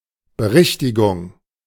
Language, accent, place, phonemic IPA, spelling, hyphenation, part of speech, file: German, Germany, Berlin, /bəˈʁɪçtɪɡʊŋ/, Berichtigung, Be‧rich‧ti‧gung, noun, De-Berichtigung.ogg
- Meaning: correction (act of correcting)